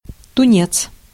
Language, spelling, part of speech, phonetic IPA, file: Russian, тунец, noun, [tʊˈnʲet͡s], Ru-тунец.ogg
- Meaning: tuna